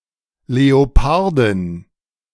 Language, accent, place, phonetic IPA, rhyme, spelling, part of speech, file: German, Germany, Berlin, [leoˈpaʁdɪn], -aʁdɪn, Leopardin, noun, De-Leopardin.ogg
- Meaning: leopardess